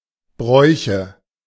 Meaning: nominative/accusative/genitive plural of Brauch
- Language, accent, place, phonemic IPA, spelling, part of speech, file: German, Germany, Berlin, /ˈbʁɔɪ̯çə/, Bräuche, noun, De-Bräuche.ogg